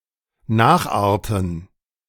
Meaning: [with dative] to take after, resemble (e.g. a parent)
- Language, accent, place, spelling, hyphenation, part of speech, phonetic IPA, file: German, Germany, Berlin, nacharten, nach‧ar‧ten, verb, [ˈnaːxˌʔaʁtn̩], De-nacharten.ogg